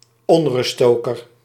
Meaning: agitator, troublemaker
- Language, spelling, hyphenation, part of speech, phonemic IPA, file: Dutch, onruststoker, on‧rust‧sto‧ker, noun, /ˈɔn.rʏstˌstoː.kər/, Nl-onruststoker.ogg